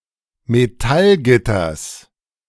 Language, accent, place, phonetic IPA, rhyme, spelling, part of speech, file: German, Germany, Berlin, [meˈtalˌɡɪtɐs], -alɡɪtɐs, Metallgitters, noun, De-Metallgitters.ogg
- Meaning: genitive singular of Metallgitter